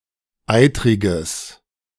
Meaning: strong/mixed nominative/accusative neuter singular of eitrig
- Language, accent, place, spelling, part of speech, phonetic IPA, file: German, Germany, Berlin, eitriges, adjective, [ˈaɪ̯tʁɪɡəs], De-eitriges.ogg